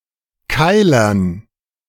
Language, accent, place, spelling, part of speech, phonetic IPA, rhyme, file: German, Germany, Berlin, Keilern, noun, [ˈkaɪ̯lɐn], -aɪ̯lɐn, De-Keilern.ogg
- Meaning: dative plural of Keiler